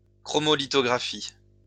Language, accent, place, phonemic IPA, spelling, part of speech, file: French, France, Lyon, /kʁɔ.mɔ.li.tɔ.ɡʁa.fi/, chromolithographie, noun, LL-Q150 (fra)-chromolithographie.wav
- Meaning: chromolithography